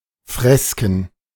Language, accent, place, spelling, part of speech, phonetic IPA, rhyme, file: German, Germany, Berlin, Fresken, noun, [ˈfʁɛskn̩], -ɛskn̩, De-Fresken.ogg
- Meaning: 1. plural of Fresko 2. plural of Freske